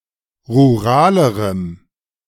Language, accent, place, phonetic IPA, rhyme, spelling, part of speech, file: German, Germany, Berlin, [ʁuˈʁaːləʁəm], -aːləʁəm, ruralerem, adjective, De-ruralerem.ogg
- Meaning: strong dative masculine/neuter singular comparative degree of rural